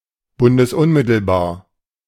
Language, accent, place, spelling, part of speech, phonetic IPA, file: German, Germany, Berlin, bundesunmittelbar, adjective, [ˌbʊndəsˈʊnmɪtl̩baːɐ̯], De-bundesunmittelbar.ogg
- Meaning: direct to the highest level of a federal state